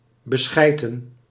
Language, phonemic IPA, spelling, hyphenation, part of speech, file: Dutch, /bəˈsxɛi̯.tə(n)/, beschijten, be‧schij‧ten, verb, Nl-beschijten.ogg
- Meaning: 1. to beshit, to shit on or in 2. to deceive, to con